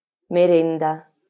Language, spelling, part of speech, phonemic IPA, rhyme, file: Italian, merenda, noun, /meˈrɛn.da/, -ɛnda, LL-Q652 (ita)-merenda.wav
- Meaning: 1. snack (usually an afternoon snack) 2. tea, break 3. picnic